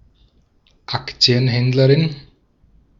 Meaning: female stockbroker
- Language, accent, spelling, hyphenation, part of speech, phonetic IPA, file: German, Austria, Aktienhändlerin, Ak‧ti‧en‧händ‧le‧rin, noun, [ˈakt͡si̯ənˌhɛndləʁɪn], De-at-Aktienhändlerin.ogg